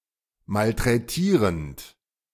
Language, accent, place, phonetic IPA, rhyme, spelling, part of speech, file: German, Germany, Berlin, [maltʁɛˈtiːʁənt], -iːʁənt, malträtierend, verb, De-malträtierend.ogg
- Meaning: present participle of malträtieren